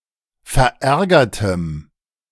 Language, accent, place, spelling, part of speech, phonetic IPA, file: German, Germany, Berlin, verärgertem, adjective, [fɛɐ̯ˈʔɛʁɡɐtəm], De-verärgertem.ogg
- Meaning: strong dative masculine/neuter singular of verärgert